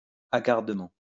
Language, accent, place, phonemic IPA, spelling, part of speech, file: French, France, Lyon, /a.ɡaʁ.də.mɑ̃/, hagardement, adverb, LL-Q150 (fra)-hagardement.wav
- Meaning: haggardly